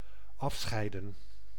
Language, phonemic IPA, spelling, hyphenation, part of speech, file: Dutch, /ˈɑfsxɛi̯də(n)/, afscheiden, af‧schei‧den, verb, Nl-afscheiden.ogg
- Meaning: 1. to separate 2. to secrete